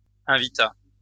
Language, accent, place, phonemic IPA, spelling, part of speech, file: French, France, Lyon, /ɛ̃.vi.ta/, invita, verb, LL-Q150 (fra)-invita.wav
- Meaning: third-person singular past historic of inviter